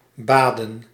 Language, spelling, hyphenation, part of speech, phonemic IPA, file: Dutch, baden, ba‧den, verb / noun, /ˈbaːdə(n)/, Nl-baden.ogg
- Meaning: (verb) 1. to bathe 2. to shower 3. inflection of bidden: plural past indicative 4. inflection of bidden: plural past subjunctive; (noun) plural of bad